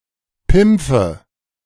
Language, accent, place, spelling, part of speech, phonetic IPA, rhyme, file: German, Germany, Berlin, Pimpfe, noun, [ˈpɪmp͡fə], -ɪmp͡fə, De-Pimpfe.ogg
- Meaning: nominative/accusative/genitive plural of Pimpf